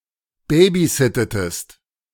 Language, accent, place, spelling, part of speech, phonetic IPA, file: German, Germany, Berlin, babysittetest, verb, [ˈbeːbiˌzɪtətəst], De-babysittetest.ogg
- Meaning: inflection of babysitten: 1. second-person singular preterite 2. second-person singular subjunctive II